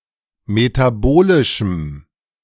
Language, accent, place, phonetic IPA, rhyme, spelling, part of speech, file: German, Germany, Berlin, [metaˈboːlɪʃm̩], -oːlɪʃm̩, metabolischem, adjective, De-metabolischem.ogg
- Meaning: strong dative masculine/neuter singular of metabolisch